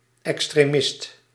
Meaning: extremist
- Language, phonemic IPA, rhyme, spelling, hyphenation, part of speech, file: Dutch, /ˌɛks.treːˈmɪst/, -ɪst, extremist, ex‧tre‧mist, noun, Nl-extremist.ogg